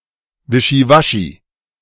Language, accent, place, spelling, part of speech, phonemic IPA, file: German, Germany, Berlin, Wischiwaschi, noun, /ˈvɪʃiˌvaʃi/, De-Wischiwaschi.ogg
- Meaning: wishy-washiness; drivel